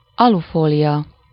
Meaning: aluminium foil
- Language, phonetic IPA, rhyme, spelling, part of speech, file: Hungarian, [ˈɒlufoːlijɒ], -jɒ, alufólia, noun, Hu-alufólia.ogg